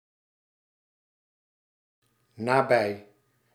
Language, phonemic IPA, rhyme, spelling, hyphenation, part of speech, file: Dutch, /naːˈbɛi̯/, -ɛi̯, nabij, na‧bij, preposition / adverb / adjective, Nl-nabij.ogg
- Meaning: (preposition) near; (adjective) near, proximal